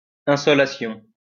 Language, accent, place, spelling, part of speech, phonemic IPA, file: French, France, Lyon, insolation, noun, /ɛ̃.sɔ.la.sjɔ̃/, LL-Q150 (fra)-insolation.wav
- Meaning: sunstroke, insolation (heatstroke caused by an excessive exposure to the sun's rays)